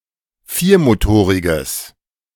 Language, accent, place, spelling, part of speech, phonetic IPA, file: German, Germany, Berlin, viermotoriges, adjective, [ˈfiːɐ̯moˌtoːʁɪɡəs], De-viermotoriges.ogg
- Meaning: strong/mixed nominative/accusative neuter singular of viermotorig